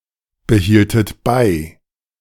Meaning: inflection of beibehalten: 1. second-person plural preterite 2. second-person plural subjunctive II
- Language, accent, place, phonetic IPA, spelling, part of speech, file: German, Germany, Berlin, [bəˌhiːltət ˈbaɪ̯], behieltet bei, verb, De-behieltet bei.ogg